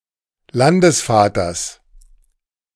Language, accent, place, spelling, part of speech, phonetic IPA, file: German, Germany, Berlin, Landesvaters, noun, [ˈlandəsˌfaːtɐs], De-Landesvaters.ogg
- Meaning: genitive singular of Landesvater